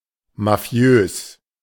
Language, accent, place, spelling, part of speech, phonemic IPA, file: German, Germany, Berlin, mafiös, adjective, /maˈfi̯øːs/, De-mafiös.ogg
- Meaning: Mafia-like